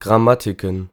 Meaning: plural of Grammatik
- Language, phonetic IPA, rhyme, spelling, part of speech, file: German, [ɡʁaˈmatɪkn̩], -atɪkn̩, Grammatiken, noun, De-Grammatiken.ogg